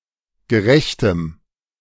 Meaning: strong dative masculine/neuter singular of gerecht
- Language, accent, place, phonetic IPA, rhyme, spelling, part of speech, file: German, Germany, Berlin, [ɡəˈʁɛçtəm], -ɛçtəm, gerechtem, adjective, De-gerechtem.ogg